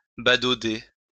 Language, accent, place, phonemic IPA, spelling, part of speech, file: French, France, Lyon, /ba.do.de/, badauder, verb, LL-Q150 (fra)-badauder.wav
- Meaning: to gape, gawk